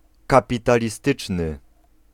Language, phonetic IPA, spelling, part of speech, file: Polish, [ˌkapʲitalʲiˈstɨt͡ʃnɨ], kapitalistyczny, adjective, Pl-kapitalistyczny.ogg